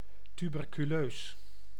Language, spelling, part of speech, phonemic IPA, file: Dutch, tuberculeus, adjective, /ˌtybɛrkyˈløːs/, Nl-tuberculeus.ogg
- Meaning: tubercular (pertaining to tuberculosis)